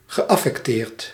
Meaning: pretentious, false
- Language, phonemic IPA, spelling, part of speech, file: Dutch, /ɣəˌʔɑfɛkˈtert/, geaffecteerd, verb, Nl-geaffecteerd.ogg